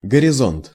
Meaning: horizon
- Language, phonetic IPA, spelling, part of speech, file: Russian, [ɡərʲɪˈzont], горизонт, noun, Ru-горизонт.ogg